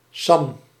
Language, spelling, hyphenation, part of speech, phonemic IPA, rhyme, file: Dutch, Sam, Sam, proper noun, /sɑm/, -ɑm, Nl-Sam.ogg
- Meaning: 1. a male given name 2. a female given name